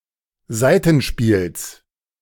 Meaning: genitive singular of Saitenspiel
- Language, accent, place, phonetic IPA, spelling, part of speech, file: German, Germany, Berlin, [ˈzaɪ̯tn̩ˌʃpiːls], Saitenspiels, noun, De-Saitenspiels.ogg